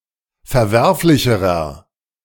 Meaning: inflection of verwerflich: 1. strong/mixed nominative masculine singular comparative degree 2. strong genitive/dative feminine singular comparative degree 3. strong genitive plural comparative degree
- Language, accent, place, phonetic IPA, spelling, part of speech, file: German, Germany, Berlin, [fɛɐ̯ˈvɛʁflɪçəʁɐ], verwerflicherer, adjective, De-verwerflicherer.ogg